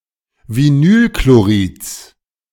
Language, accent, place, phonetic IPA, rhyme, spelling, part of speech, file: German, Germany, Berlin, [viˈnyːlkloˌʁiːt͡s], -yːlkloʁiːt͡s, Vinylchlorids, noun, De-Vinylchlorids.ogg
- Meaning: genitive singular of Vinylchlorid